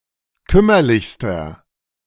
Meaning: inflection of kümmerlich: 1. strong/mixed nominative masculine singular superlative degree 2. strong genitive/dative feminine singular superlative degree 3. strong genitive plural superlative degree
- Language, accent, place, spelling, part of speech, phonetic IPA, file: German, Germany, Berlin, kümmerlichster, adjective, [ˈkʏmɐlɪçstɐ], De-kümmerlichster.ogg